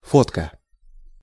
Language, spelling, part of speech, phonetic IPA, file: Russian, фотка, noun, [ˈfotkə], Ru-фотка.ogg
- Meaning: photo